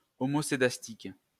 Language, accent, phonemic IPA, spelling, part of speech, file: French, France, /ɔ.mɔ.se.das.tik/, homoscédastique, adjective, LL-Q150 (fra)-homoscédastique.wav
- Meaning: homoscedastic